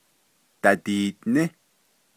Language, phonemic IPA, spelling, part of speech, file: Navajo, /tɑ̀tìːʔnɪ́/, dadiiʼní, verb, Nv-dadiiʼní.ogg
- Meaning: first-person plural imperfective of ní